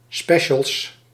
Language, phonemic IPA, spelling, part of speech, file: Dutch, /ˈspɛʃəls/, specials, noun, Nl-specials.ogg
- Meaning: plural of special